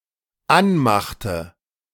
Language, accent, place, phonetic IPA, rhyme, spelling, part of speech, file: German, Germany, Berlin, [ˈanˌmaxtə], -anmaxtə, anmachte, verb, De-anmachte.ogg
- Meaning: inflection of anmachen: 1. first/third-person singular dependent preterite 2. first/third-person singular dependent subjunctive II